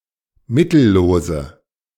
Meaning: inflection of mittellos: 1. strong/mixed nominative/accusative feminine singular 2. strong nominative/accusative plural 3. weak nominative all-gender singular
- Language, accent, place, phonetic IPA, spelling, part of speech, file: German, Germany, Berlin, [ˈmɪtl̩ˌloːzə], mittellose, adjective, De-mittellose.ogg